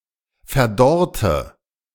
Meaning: inflection of verdorren: 1. first/third-person singular preterite 2. first/third-person singular subjunctive II
- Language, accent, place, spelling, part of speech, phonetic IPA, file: German, Germany, Berlin, verdorrte, verb, [fɛɐ̯ˈdɔʁtə], De-verdorrte.ogg